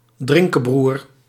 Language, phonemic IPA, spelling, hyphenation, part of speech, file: Dutch, /ˈdrɪŋ.kəˌbrur/, drinkebroer, drin‧ke‧broer, noun, Nl-drinkebroer.ogg
- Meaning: one who tends to drink a lot of alcohol, a drinker, possibly a drunkard, alcoholic